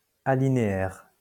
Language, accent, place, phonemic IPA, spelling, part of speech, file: French, France, Lyon, /a.li.ne.ɛʁ/, alinéaire, adjective, LL-Q150 (fra)-alinéaire.wav
- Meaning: paragraphic